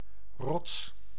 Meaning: a rock
- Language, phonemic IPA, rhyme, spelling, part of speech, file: Dutch, /rɔts/, -ɔts, rots, noun, Nl-rots.ogg